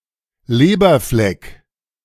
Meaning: mole (spot on the skin)
- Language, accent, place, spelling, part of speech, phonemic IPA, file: German, Germany, Berlin, Leberfleck, noun, /ˈleːbɐflɛk/, De-Leberfleck.ogg